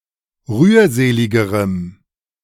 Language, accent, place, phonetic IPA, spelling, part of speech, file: German, Germany, Berlin, [ˈʁyːɐ̯ˌzeːlɪɡəʁəm], rührseligerem, adjective, De-rührseligerem.ogg
- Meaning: strong dative masculine/neuter singular comparative degree of rührselig